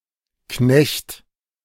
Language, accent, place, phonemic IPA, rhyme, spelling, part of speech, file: German, Germany, Berlin, /knɛçt/, -ɛçt, Knecht, noun, De-Knecht.ogg
- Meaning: 1. male servant, menial, especially on a farm 2. serf, subordinate, someone unfree who serves another 3. a soldier, often a mercenary, of the 15th to 17th centuries